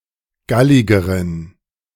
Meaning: inflection of gallig: 1. strong genitive masculine/neuter singular comparative degree 2. weak/mixed genitive/dative all-gender singular comparative degree
- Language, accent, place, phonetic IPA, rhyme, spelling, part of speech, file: German, Germany, Berlin, [ˈɡalɪɡəʁən], -alɪɡəʁən, galligeren, adjective, De-galligeren.ogg